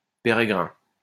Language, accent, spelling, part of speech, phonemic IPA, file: French, France, pérégrin, adjective, /pe.ʁe.ɡʁɛ̃/, LL-Q150 (fra)-pérégrin.wav
- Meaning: foreign